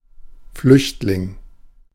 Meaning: 1. refugee 2. fugitive, escapee
- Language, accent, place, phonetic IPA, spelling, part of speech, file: German, Germany, Berlin, [ˈflʏçtlɪŋ], Flüchtling, noun, De-Flüchtling.ogg